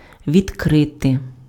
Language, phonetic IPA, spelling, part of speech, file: Ukrainian, [ʋʲidˈkrɪte], відкрити, verb, Uk-відкрити.ogg
- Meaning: 1. to open 2. to turn on (:tap, valve) 3. to reveal, to disclose, to uncover 4. to discover